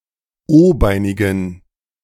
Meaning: inflection of o-beinig: 1. strong genitive masculine/neuter singular 2. weak/mixed genitive/dative all-gender singular 3. strong/weak/mixed accusative masculine singular 4. strong dative plural
- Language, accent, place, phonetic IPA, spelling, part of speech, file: German, Germany, Berlin, [ˈoːˌbaɪ̯nɪɡn̩], o-beinigen, adjective, De-o-beinigen.ogg